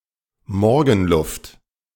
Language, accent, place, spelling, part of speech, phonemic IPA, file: German, Germany, Berlin, Morgenluft, noun, /ˈmɔʁɡn̩ˌlʊft/, De-Morgenluft.ogg
- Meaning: morning air